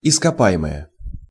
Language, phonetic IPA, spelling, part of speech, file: Russian, [ɪskɐˈpa(j)ɪməjə], ископаемое, adjective / noun, Ru-ископаемое.ogg
- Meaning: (adjective) inflection of ископа́емый (iskopájemyj): 1. nominative plural 2. inanimate accusative plural; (noun) 1. fossil 2. resources, minerals